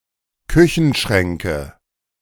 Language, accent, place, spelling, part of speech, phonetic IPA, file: German, Germany, Berlin, Küchenschränke, noun, [ˈkʏçn̩ˌʃʁɛŋkə], De-Küchenschränke.ogg
- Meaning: nominative/accusative/genitive plural of Küchenschrank